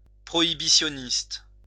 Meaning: prohibitionist
- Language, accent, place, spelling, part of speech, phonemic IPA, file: French, France, Lyon, prohibitionniste, noun, /pʁɔ.i.bi.sjɔ.nist/, LL-Q150 (fra)-prohibitionniste.wav